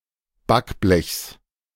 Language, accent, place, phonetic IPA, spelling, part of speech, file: German, Germany, Berlin, [ˈbakˌblɛçs], Backblechs, noun, De-Backblechs.ogg
- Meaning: genitive of Backblech